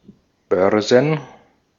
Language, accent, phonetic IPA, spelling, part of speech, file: German, Austria, [ˈbœʁzn̩], Börsen, noun, De-at-Börsen.ogg
- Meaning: plural of Börse